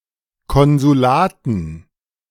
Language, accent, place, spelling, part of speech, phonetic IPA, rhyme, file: German, Germany, Berlin, Konsulaten, noun, [ˌkɔnzuˈlaːtn̩], -aːtn̩, De-Konsulaten.ogg
- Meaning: dative plural of Konsulat